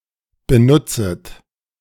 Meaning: second-person plural subjunctive I of benutzen
- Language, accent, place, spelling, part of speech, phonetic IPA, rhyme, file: German, Germany, Berlin, benutzet, verb, [bəˈnʊt͡sət], -ʊt͡sət, De-benutzet.ogg